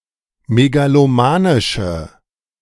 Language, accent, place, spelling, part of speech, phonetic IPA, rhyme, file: German, Germany, Berlin, megalomanische, adjective, [meɡaloˈmaːnɪʃə], -aːnɪʃə, De-megalomanische.ogg
- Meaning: inflection of megalomanisch: 1. strong/mixed nominative/accusative feminine singular 2. strong nominative/accusative plural 3. weak nominative all-gender singular